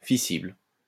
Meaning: fissile
- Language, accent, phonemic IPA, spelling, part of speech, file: French, France, /fi.sibl/, fissible, adjective, LL-Q150 (fra)-fissible.wav